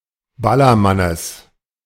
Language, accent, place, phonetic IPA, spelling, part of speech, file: German, Germany, Berlin, [ˈbalɐˌmanəs], Ballermannes, noun, De-Ballermannes.ogg
- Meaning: genitive singular of Ballermann